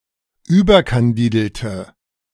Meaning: inflection of überkandidelt: 1. strong/mixed nominative/accusative feminine singular 2. strong nominative/accusative plural 3. weak nominative all-gender singular
- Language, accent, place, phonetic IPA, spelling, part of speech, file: German, Germany, Berlin, [ˈyːbɐkanˌdiːdl̩tə], überkandidelte, adjective, De-überkandidelte.ogg